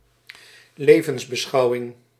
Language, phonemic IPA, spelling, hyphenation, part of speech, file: Dutch, /ˈleːvə(n)s.bəˌsxɑu̯.ɪŋ/, levensbeschouwing, le‧vens‧be‧schou‧wing, noun, Nl-levensbeschouwing.ogg
- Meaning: life stance